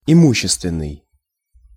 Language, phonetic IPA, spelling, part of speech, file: Russian, [ɪˈmuɕːɪstvʲɪn(ː)ɨj], имущественный, adjective, Ru-имущественный.ogg
- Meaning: property, material